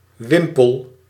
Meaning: pennon, pennant, streamer
- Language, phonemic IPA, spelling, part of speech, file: Dutch, /ˈʋɪmpəɫ/, wimpel, noun / verb, Nl-wimpel.ogg